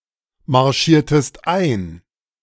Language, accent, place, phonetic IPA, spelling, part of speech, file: German, Germany, Berlin, [maʁˌʃiːɐ̯təst ˈaɪ̯n], marschiertest ein, verb, De-marschiertest ein.ogg
- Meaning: inflection of einmarschieren: 1. second-person singular preterite 2. second-person singular subjunctive II